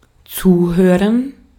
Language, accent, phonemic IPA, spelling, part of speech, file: German, Austria, /ˈt͡suːˌhøːʁən/, zuhören, verb, De-at-zuhören.ogg
- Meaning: to listen